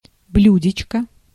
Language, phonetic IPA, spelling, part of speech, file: Russian, [ˈblʲʉdʲɪt͡ɕkə], блюдечко, noun, Ru-блюдечко.ogg
- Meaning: diminutive of блю́дце (bljúdce): small saucer, small jam dish